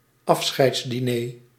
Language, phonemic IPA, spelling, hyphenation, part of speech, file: Dutch, /ˈɑf.sxɛi̯ts.diˌneː/, afscheidsdiner, af‧scheids‧di‧ner, noun, Nl-afscheidsdiner.ogg
- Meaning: farewell dinner